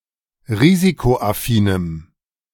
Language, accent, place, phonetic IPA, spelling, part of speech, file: German, Germany, Berlin, [ˈʁiːzikoʔaˌfiːnəm], risikoaffinem, adjective, De-risikoaffinem.ogg
- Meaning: strong dative masculine/neuter singular of risikoaffin